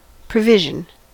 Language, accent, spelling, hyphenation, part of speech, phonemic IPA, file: English, US, provision, pro‧vi‧sion, noun / verb, /pɹəˈvɪʒ.ən/, En-us-provision.ogg
- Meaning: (noun) 1. An item of goods or supplies, especially food, obtained for future use 2. The act of providing, or making previous preparation 3. Money set aside for a future event